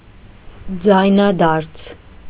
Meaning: alternative form of ձայնդարձ (jayndarj)
- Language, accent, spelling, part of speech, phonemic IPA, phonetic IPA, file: Armenian, Eastern Armenian, ձայնադարձ, noun, /d͡zɑjnɑˈdɑɾt͡sʰ/, [d͡zɑjnɑdɑ́ɾt͡sʰ], Hy-ձայնադարձ.ogg